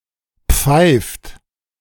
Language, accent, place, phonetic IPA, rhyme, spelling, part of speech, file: German, Germany, Berlin, [p͡faɪ̯ft], -aɪ̯ft, pfeift, verb, De-pfeift.ogg
- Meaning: inflection of pfeifen: 1. third-person singular present 2. second-person plural present 3. plural imperative